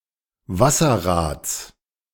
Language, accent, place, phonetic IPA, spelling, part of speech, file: German, Germany, Berlin, [ˈvasɐˌʁaːt͡s], Wasserrads, noun, De-Wasserrads.ogg
- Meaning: genitive of Wasserrad